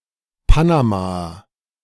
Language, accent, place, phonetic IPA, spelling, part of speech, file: German, Germany, Berlin, [ˈpanamaɐ], Panamaer, noun, De-Panamaer.ogg
- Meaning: Panamanian (male or of unspecified gender) (A person from Panama or of Panamanian descent)